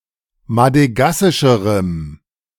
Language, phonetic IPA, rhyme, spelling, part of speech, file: German, [madəˈɡasɪʃəʁəm], -asɪʃəʁəm, madegassischerem, adjective, De-madegassischerem.ogg